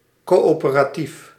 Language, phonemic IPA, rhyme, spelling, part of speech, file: Dutch, /ˌkoː.oː.pə.raːˈtif/, -if, coöperatief, adjective, Nl-coöperatief.ogg
- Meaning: cooperative